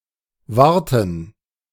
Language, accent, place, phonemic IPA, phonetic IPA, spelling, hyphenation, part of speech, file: German, Germany, Berlin, /ˈvaʁtən/, [ˈvaʁtn̩], Warten, War‧ten, noun, De-Warten.ogg
- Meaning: 1. gerund of warten: waiting 2. gerund of warten: maintaining 3. plural of Warte